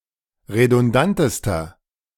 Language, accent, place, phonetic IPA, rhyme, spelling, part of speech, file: German, Germany, Berlin, [ʁedʊnˈdantəstɐ], -antəstɐ, redundantester, adjective, De-redundantester.ogg
- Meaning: inflection of redundant: 1. strong/mixed nominative masculine singular superlative degree 2. strong genitive/dative feminine singular superlative degree 3. strong genitive plural superlative degree